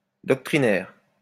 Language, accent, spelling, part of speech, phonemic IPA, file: French, France, doctrinaire, noun / adjective, /dɔk.tʁi.nɛʁ/, LL-Q150 (fra)-doctrinaire.wav
- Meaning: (noun) doctrinaire; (adjective) doctrinal